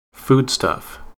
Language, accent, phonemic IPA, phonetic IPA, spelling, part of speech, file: English, US, /ˈfuːdˌstʌf/, [ˈfʉwdˌstəf], foodstuff, noun, En-us-foodstuff.ogg
- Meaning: A material that may be used as food or as an ingredient of food